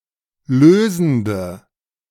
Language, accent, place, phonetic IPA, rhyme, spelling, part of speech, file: German, Germany, Berlin, [ˈløːzn̩də], -øːzn̩də, lösende, adjective, De-lösende.ogg
- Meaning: inflection of lösend: 1. strong/mixed nominative/accusative feminine singular 2. strong nominative/accusative plural 3. weak nominative all-gender singular 4. weak accusative feminine/neuter singular